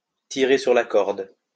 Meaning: 1. to abuse of a situation, to take advantage of someone, of a service that someone offers 2. to overdo it, to burn the candle at both ends, to push one's luck
- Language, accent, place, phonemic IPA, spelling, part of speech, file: French, France, Lyon, /ti.ʁe syʁ la kɔʁd/, tirer sur la corde, verb, LL-Q150 (fra)-tirer sur la corde.wav